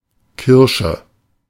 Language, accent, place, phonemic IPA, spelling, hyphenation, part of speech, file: German, Germany, Berlin, /ˈkɪrʃə/, Kirsche, Kir‧sche, noun, De-Kirsche.ogg
- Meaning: 1. cherry 2. a ball, especially a football 3. bullet